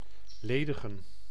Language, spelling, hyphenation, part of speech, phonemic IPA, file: Dutch, ledigen, le‧di‧gen, verb, /ˈleː.də.ɣə(n)/, Nl-ledigen.ogg
- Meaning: alternative form of legen